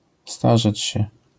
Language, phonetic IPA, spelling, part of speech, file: Polish, [ˈstaʒɛt͡ɕ‿ɕɛ], starzeć się, verb, LL-Q809 (pol)-starzeć się.wav